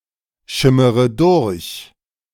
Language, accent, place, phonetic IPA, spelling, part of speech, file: German, Germany, Berlin, [ˌʃɪməʁə ˈdʊʁç], schimmere durch, verb, De-schimmere durch.ogg
- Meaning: inflection of durchschimmern: 1. first-person singular present 2. first-person plural subjunctive I 3. third-person singular subjunctive I 4. singular imperative